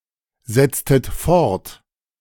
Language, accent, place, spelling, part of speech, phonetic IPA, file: German, Germany, Berlin, setztet fort, verb, [ˌzɛt͡stət ˈfɔʁt], De-setztet fort.ogg
- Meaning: inflection of fortsetzen: 1. second-person plural preterite 2. second-person plural subjunctive II